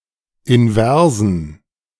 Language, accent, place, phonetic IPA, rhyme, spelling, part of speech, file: German, Germany, Berlin, [ɪnˈvɛʁzn̩], -ɛʁzn̩, inversen, adjective, De-inversen.ogg
- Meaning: inflection of invers: 1. strong genitive masculine/neuter singular 2. weak/mixed genitive/dative all-gender singular 3. strong/weak/mixed accusative masculine singular 4. strong dative plural